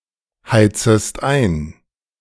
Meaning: second-person singular subjunctive I of einheizen
- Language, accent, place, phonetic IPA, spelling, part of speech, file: German, Germany, Berlin, [ˌhaɪ̯t͡səst ˈaɪ̯n], heizest ein, verb, De-heizest ein.ogg